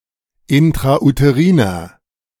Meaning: inflection of intrauterin: 1. strong/mixed nominative masculine singular 2. strong genitive/dative feminine singular 3. strong genitive plural
- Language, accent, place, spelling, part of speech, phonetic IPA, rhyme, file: German, Germany, Berlin, intrauteriner, adjective, [ɪntʁaʔuteˈʁiːnɐ], -iːnɐ, De-intrauteriner.ogg